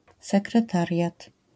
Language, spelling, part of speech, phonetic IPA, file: Polish, sekretariat, noun, [ˌsɛkrɛˈtarʲjat], LL-Q809 (pol)-sekretariat.wav